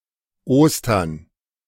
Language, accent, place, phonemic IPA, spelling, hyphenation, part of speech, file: German, Germany, Berlin, /ˈoːstɐn/, Ostern, Os‧tern, noun, De-Ostern.ogg
- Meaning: Easter